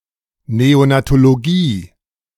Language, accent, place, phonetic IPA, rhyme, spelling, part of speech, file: German, Germany, Berlin, [ˌneonatoloˈɡiː], -iː, Neonatologie, noun, De-Neonatologie.ogg
- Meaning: neonatology (branch of medicine that deals with newborn infants)